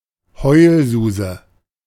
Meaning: cry-baby, crybaby
- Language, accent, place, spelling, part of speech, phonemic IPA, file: German, Germany, Berlin, Heulsuse, noun, /ˈhɔɪ̯lzuːzə/, De-Heulsuse.ogg